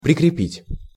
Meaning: 1. to fasten, to attach (also figurative) 2. to register
- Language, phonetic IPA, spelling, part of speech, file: Russian, [prʲɪkrʲɪˈpʲitʲ], прикрепить, verb, Ru-прикрепить.ogg